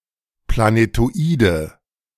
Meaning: 1. genitive singular of Planetoid 2. plural of Planetoid
- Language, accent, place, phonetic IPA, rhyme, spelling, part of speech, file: German, Germany, Berlin, [planetoˈiːdn̩], -iːdn̩, Planetoiden, noun, De-Planetoiden.ogg